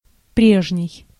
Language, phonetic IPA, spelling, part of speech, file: Russian, [ˈprʲeʐnʲɪj], прежний, adjective, Ru-прежний.ogg
- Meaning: former, previous